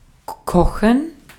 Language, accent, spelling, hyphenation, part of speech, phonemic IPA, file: German, Austria, kochen, ko‧chen, verb, /ˈkɔχən/, De-at-kochen.ogg
- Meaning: 1. to cook, to prepare food (chiefly hot food for lunch or supper) 2. to cook something (in a) liquid (e.g. soup, chili, spaghetti) 3. to boil: (to reach the boiling point)